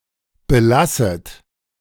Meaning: second-person plural subjunctive I of belassen
- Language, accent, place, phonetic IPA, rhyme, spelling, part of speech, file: German, Germany, Berlin, [bəˈlasət], -asət, belasset, verb, De-belasset.ogg